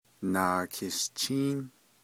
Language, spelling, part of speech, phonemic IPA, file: Navajo, naakishchíín, noun, /nàːkʰɪ̀ʃt͡ʃʰíːn/, Nv-naakishchíín.ogg
- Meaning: alternative form of naakiishchíín